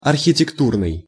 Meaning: architectural, architectonic
- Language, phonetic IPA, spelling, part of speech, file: Russian, [ɐrxʲɪtʲɪkˈturnɨj], архитектурный, adjective, Ru-архитектурный.ogg